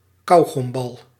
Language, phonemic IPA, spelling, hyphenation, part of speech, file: Dutch, /ˈkɑu.ɣɔmˌbɑl/, kauwgombal, kauw‧gom‧bal, noun, Nl-kauwgombal.ogg
- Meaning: a gumball (ball of chewing gum with a sugar coating)